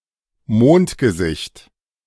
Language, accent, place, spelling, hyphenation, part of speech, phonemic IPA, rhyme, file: German, Germany, Berlin, Mondgesicht, Mond‧ge‧sicht, noun, /ˈmoːnt.ɡəˌzɪçt/, -ɪçt, De-Mondgesicht.ogg
- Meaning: 1. moon face 2. an unattractively round face (e.g. in an overweight person) 3. a crude drawing of a face, consisting of a circle and four marks for the eyes, nose, and mouth